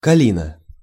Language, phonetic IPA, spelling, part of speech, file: Russian, [kɐˈlʲinə], калина, noun, Ru-калина.ogg
- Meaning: guelder rose, snowball tree, Viburnum opulus